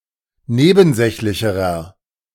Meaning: inflection of nebensächlich: 1. strong/mixed nominative masculine singular comparative degree 2. strong genitive/dative feminine singular comparative degree
- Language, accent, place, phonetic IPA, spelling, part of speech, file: German, Germany, Berlin, [ˈneːbn̩ˌzɛçlɪçəʁɐ], nebensächlicherer, adjective, De-nebensächlicherer.ogg